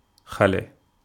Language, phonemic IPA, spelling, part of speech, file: Wolof, /ˈxalɛ/, xale, noun, Wo-xale.ogg
- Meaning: child